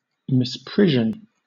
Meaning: Criminal neglect or wrongful execution of duty, especially by a public official; (countable) a specific instance of this
- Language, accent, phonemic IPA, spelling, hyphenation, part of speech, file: English, Southern England, /ˌmɪsˈpɹɪʒn̩/, misprision, mis‧pris‧ion, noun, LL-Q1860 (eng)-misprision.wav